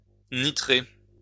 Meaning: to nitrate
- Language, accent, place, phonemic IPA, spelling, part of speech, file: French, France, Lyon, /ni.tʁe/, nitrer, verb, LL-Q150 (fra)-nitrer.wav